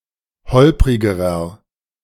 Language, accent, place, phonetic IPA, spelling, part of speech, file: German, Germany, Berlin, [ˈhɔlpʁɪɡəʁɐ], holprigerer, adjective, De-holprigerer.ogg
- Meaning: inflection of holprig: 1. strong/mixed nominative masculine singular comparative degree 2. strong genitive/dative feminine singular comparative degree 3. strong genitive plural comparative degree